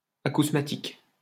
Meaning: acousmatic
- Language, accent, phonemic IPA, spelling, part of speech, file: French, France, /a.kus.ma.tik/, acousmatique, adjective, LL-Q150 (fra)-acousmatique.wav